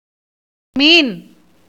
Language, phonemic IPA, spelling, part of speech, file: Tamil, /miːn/, மீன், noun, Ta-மீன்.ogg
- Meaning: 1. fish (a typically cold-blooded vertebrate animal that lives in water, moving with the help of fins and breathing with gills; any vertebrate that is not a tetrapod) 2. Pisces 3. star